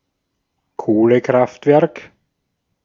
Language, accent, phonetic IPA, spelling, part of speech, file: German, Austria, [ˈkoːləˌkʁaftvɛʁk], Kohlekraftwerk, noun, De-at-Kohlekraftwerk.ogg
- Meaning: coal-fired power station